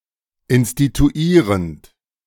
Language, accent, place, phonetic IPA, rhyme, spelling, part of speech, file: German, Germany, Berlin, [ɪnstituˈiːʁənt], -iːʁənt, instituierend, verb, De-instituierend.ogg
- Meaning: present participle of instituieren